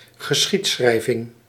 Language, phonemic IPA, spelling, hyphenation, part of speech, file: Dutch, /ɣəˈsxitˌsxrɛi̯.vɪŋ/, geschiedschrijving, ge‧schied‧schrij‧ving, noun, Nl-geschiedschrijving.ogg
- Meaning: historiography